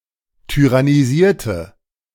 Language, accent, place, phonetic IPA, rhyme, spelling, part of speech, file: German, Germany, Berlin, [tyʁaniˈziːɐ̯tə], -iːɐ̯tə, tyrannisierte, adjective / verb, De-tyrannisierte.ogg
- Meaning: inflection of tyrannisieren: 1. first/third-person singular preterite 2. first/third-person singular subjunctive II